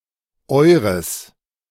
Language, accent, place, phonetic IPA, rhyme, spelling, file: German, Germany, Berlin, [ˈɔɪ̯ʁəs], -ɔɪ̯ʁəs, eures, De-eures.ogg
- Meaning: genitive masculine/neuter singular of euer: your (plural) (referring to a masculine or neuter object in the genitive case)